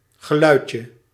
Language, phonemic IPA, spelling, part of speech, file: Dutch, /ɣəˈlœycə/, geluidje, noun, Nl-geluidje.ogg
- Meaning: diminutive of geluid